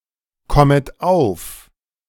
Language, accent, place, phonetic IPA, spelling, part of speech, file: German, Germany, Berlin, [ˌkɔmət ˈaʊ̯f], kommet auf, verb, De-kommet auf.ogg
- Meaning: second-person plural subjunctive I of aufkommen